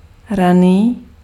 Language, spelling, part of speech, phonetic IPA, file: Czech, raný, adjective, [ˈraniː], Cs-raný.ogg
- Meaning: early